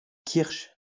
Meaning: kirsch
- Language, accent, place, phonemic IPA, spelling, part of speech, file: French, France, Lyon, /kiʁʃ/, kirsch, noun, LL-Q150 (fra)-kirsch.wav